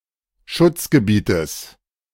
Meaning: genitive singular of Schutzgebiet
- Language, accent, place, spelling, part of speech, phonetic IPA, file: German, Germany, Berlin, Schutzgebietes, noun, [ˈʃʊt͡sɡəˌbiːtəs], De-Schutzgebietes.ogg